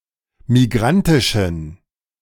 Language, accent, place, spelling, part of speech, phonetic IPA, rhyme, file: German, Germany, Berlin, migrantischen, adjective, [miˈɡʁantɪʃn̩], -antɪʃn̩, De-migrantischen.ogg
- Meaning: inflection of migrantisch: 1. strong genitive masculine/neuter singular 2. weak/mixed genitive/dative all-gender singular 3. strong/weak/mixed accusative masculine singular 4. strong dative plural